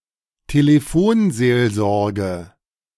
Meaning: crisis hotline
- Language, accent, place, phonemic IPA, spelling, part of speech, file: German, Germany, Berlin, /ˈteːlefoːnzeːlzɔrɡə/, Telefonseelsorge, noun, De-Telefonseelsorge.ogg